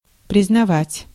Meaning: 1. to recognize (to acknowledge the existence or legality of something) 2. to acknowledge, to see, to admit, to own 3. to find, to consider, to declare, to pronounce
- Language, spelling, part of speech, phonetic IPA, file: Russian, признавать, verb, [prʲɪznɐˈvatʲ], Ru-признавать.ogg